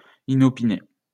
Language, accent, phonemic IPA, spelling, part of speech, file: French, France, /i.nɔ.pi.ne/, inopiné, adjective, LL-Q150 (fra)-inopiné.wav
- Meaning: accidental, unexpected